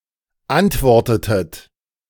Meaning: inflection of antworten: 1. second-person plural preterite 2. second-person plural subjunctive II
- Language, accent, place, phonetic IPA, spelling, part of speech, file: German, Germany, Berlin, [ˈantˌvɔʁtətət], antwortetet, verb, De-antwortetet.ogg